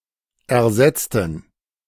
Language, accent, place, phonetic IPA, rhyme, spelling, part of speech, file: German, Germany, Berlin, [ɛɐ̯ˈzɛt͡stn̩], -ɛt͡stn̩, ersetzten, adjective / verb, De-ersetzten.ogg
- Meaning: inflection of ersetzen: 1. first/third-person plural preterite 2. first/third-person plural subjunctive II